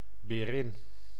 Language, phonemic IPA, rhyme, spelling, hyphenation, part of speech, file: Dutch, /beːˈrɪn/, -ɪn, berin, be‧rin, noun, Nl-berin.ogg
- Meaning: a she-bear / female bear (female large predatory mammal of the family Ursidae)